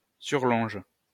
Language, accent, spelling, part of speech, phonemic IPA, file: French, France, surlonge, noun, /syʁ.lɔ̃ʒ/, LL-Q150 (fra)-surlonge.wav
- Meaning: sirloin (North American cut)